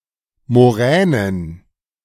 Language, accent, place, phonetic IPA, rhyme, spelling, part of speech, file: German, Germany, Berlin, [moˈʁɛːnən], -ɛːnən, Moränen, noun, De-Moränen.ogg
- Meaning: plural of Moräne